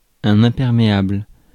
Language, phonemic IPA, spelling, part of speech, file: French, /ɛ̃.pɛʁ.me.abl/, imperméable, adjective / noun, Fr-imperméable.ogg
- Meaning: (adjective) waterproof; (noun) raincoat